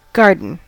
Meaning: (noun) An outdoor area containing one or more types of plants, usually plants grown for food or ornamental purposes
- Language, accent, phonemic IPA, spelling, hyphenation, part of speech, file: English, US, /ˈɡɑɹ.d(ə)n/, garden, gar‧den, noun / verb / adjective, En-us-garden.ogg